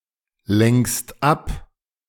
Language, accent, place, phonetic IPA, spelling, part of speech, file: German, Germany, Berlin, [ˌlɛŋkst ˈap], lenkst ab, verb, De-lenkst ab.ogg
- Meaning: second-person singular present of ablenken